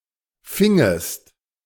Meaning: second-person singular subjunctive II of fangen
- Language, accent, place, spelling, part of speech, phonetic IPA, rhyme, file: German, Germany, Berlin, fingest, verb, [ˈfɪŋəst], -ɪŋəst, De-fingest.ogg